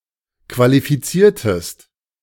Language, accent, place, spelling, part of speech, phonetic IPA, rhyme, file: German, Germany, Berlin, qualifiziertest, verb, [kvalifiˈt͡siːɐ̯təst], -iːɐ̯təst, De-qualifiziertest.ogg
- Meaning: inflection of qualifizieren: 1. second-person singular preterite 2. second-person singular subjunctive II